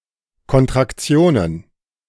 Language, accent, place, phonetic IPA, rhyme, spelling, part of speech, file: German, Germany, Berlin, [kɔntʁakˈt͡si̯oːnən], -oːnən, Kontraktionen, noun, De-Kontraktionen.ogg
- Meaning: plural of Kontraktion